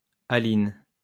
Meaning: a female given name
- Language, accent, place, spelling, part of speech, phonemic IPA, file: French, France, Lyon, Aline, proper noun, /a.lin/, LL-Q150 (fra)-Aline.wav